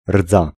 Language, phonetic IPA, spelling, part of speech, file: Polish, [rd͡za], rdza, noun, Pl-rdza.ogg